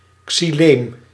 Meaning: xylem
- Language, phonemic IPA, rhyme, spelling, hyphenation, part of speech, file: Dutch, /ksiˈleːm/, -eːm, xyleem, xy‧leem, noun, Nl-xyleem.ogg